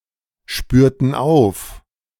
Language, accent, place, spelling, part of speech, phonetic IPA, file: German, Germany, Berlin, spürten auf, verb, [ˌʃpyːɐ̯tn̩ ˈaʊ̯f], De-spürten auf.ogg
- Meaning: inflection of aufspüren: 1. first/third-person plural preterite 2. first/third-person plural subjunctive II